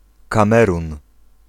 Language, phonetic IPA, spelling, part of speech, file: Polish, [kãˈmɛrũn], Kamerun, proper noun, Pl-Kamerun.ogg